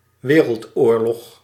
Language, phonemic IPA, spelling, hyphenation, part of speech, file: Dutch, /ˈʋeː.rəltˌoːr.lɔx/, wereldoorlog, we‧reld‧oor‧log, noun, Nl-wereldoorlog.ogg
- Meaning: world war